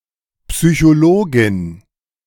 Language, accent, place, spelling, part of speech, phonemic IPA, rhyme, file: German, Germany, Berlin, Psychologin, noun, /psyçoˈloːɡɪn/, -oːɡɪn, De-Psychologin.ogg
- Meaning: psychologist (female)